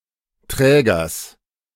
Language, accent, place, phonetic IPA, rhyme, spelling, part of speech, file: German, Germany, Berlin, [ˈtʁɛːɡɐs], -ɛːɡɐs, Trägers, noun, De-Trägers.ogg
- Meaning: genitive singular of Träger